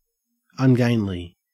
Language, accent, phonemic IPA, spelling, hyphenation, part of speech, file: English, Australia, /anˈɡæɪnli/, ungainly, un‧gain‧ly, adjective / noun / adverb, En-au-ungainly.ogg
- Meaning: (adjective) 1. Clumsy; lacking grace 2. Gangling 3. Difficult to move or to manage; unwieldy 4. Unsuitable; unprofitable; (noun) An ungainly person or thing